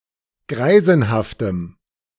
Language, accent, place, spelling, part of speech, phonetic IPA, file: German, Germany, Berlin, greisenhaftem, adjective, [ˈɡʁaɪ̯zn̩haftəm], De-greisenhaftem.ogg
- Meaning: strong dative masculine/neuter singular of greisenhaft